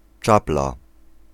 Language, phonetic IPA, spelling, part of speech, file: Polish, [ˈt͡ʃapla], czapla, noun, Pl-czapla.ogg